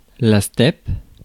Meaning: steppe
- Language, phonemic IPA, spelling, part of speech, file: French, /stɛp/, steppe, noun, Fr-steppe.ogg